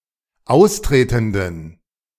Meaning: inflection of austretend: 1. strong genitive masculine/neuter singular 2. weak/mixed genitive/dative all-gender singular 3. strong/weak/mixed accusative masculine singular 4. strong dative plural
- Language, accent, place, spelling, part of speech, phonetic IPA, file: German, Germany, Berlin, austretenden, adjective, [ˈaʊ̯sˌtʁeːtn̩dən], De-austretenden.ogg